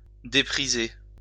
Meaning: 1. to undervalue, depreciate 2. to underestimate (in value) 3. to underestimate oneself
- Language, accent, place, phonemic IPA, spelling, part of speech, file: French, France, Lyon, /de.pʁi.ze/, dépriser, verb, LL-Q150 (fra)-dépriser.wav